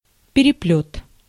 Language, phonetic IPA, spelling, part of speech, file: Russian, [pʲɪrʲɪˈplʲɵt], переплёт, noun, Ru-переплёт.ogg
- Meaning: 1. binding (spine of a book) 2. difficult situation, jam